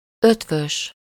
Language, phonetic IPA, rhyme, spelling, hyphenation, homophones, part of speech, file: Hungarian, [ˈøtvøʃ], -øʃ, Eötvös, Eöt‧vös, ötvös, proper noun, Hu-Eötvös.ogg
- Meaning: a surname